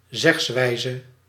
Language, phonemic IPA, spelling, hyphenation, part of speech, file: Dutch, /ˈzɛxsˌʋɛi̯.zə/, zegswijze, zegs‧wij‧ze, noun, Nl-zegswijze.ogg
- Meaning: saying, expression